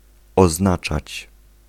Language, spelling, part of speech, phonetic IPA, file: Polish, oznaczać, verb, [ɔzˈnat͡ʃat͡ɕ], Pl-oznaczać.ogg